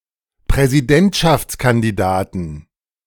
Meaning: 1. genitive singular of Präsidentschaftskandidat 2. plural of Präsidentschaftskandidat
- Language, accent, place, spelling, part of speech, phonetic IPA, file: German, Germany, Berlin, Präsidentschaftskandidaten, noun, [pʁɛziˈdɛntʃaft͡skandiˌdaːtn̩], De-Präsidentschaftskandidaten.ogg